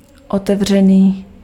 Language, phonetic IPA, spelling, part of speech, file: Czech, [ˈotɛvr̝ɛniː], otevřený, adjective, Cs-otevřený.ogg
- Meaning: open